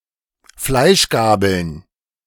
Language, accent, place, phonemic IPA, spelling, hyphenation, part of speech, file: German, Germany, Berlin, /ˈflaɪ̯ʃˌɡaːbl̩n/, Fleischgabeln, Fleisch‧ga‧beln, noun, De-Fleischgabeln.ogg
- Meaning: plural of Fleischgabel